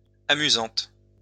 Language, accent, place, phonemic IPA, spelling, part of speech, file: French, France, Lyon, /a.my.zɑ̃t/, amusante, adjective, LL-Q150 (fra)-amusante.wav
- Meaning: feminine singular of amusant